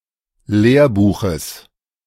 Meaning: genitive singular of Lehrbuch
- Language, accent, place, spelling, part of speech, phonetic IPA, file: German, Germany, Berlin, Lehrbuches, noun, [ˈleːɐ̯ˌbuːxəs], De-Lehrbuches.ogg